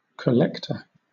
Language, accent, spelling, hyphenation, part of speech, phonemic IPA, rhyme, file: English, Southern England, collector, col‧lec‧tor, noun, /kəˈlɛk.tə(ɹ)/, -ɛktə(ɹ), LL-Q1860 (eng)-collector.wav
- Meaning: 1. A person who or thing that collects, or which creates or manages a collection 2. A person who is employed to collect payments